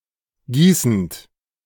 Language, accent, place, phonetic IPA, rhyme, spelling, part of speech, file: German, Germany, Berlin, [ˈɡiːsn̩t], -iːsn̩t, gießend, verb, De-gießend.ogg
- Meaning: present participle of gießen